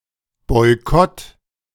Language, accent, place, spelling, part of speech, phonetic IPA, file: German, Germany, Berlin, Boykott, noun, [ˌbɔɪ̯ˈkɔt], De-Boykott.ogg
- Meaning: boycott